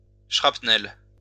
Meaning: shrapnel
- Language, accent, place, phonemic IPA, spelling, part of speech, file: French, France, Lyon, /ʃʁap.nɛl/, shrapnel, noun, LL-Q150 (fra)-shrapnel.wav